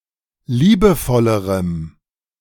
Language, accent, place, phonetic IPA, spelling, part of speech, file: German, Germany, Berlin, [ˈliːbəˌfɔləʁəm], liebevollerem, adjective, De-liebevollerem.ogg
- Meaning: strong dative masculine/neuter singular comparative degree of liebevoll